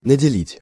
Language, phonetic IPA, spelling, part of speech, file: Russian, [nədʲɪˈlʲitʲ], наделить, verb, Ru-наделить.ogg
- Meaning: 1. to allot, to give, to provide 2. to endow